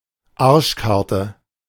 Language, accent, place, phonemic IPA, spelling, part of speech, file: German, Germany, Berlin, /ˈaːɐ̯ʃkaʁtə/, Arschkarte, noun, De-Arschkarte.ogg
- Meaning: bad luck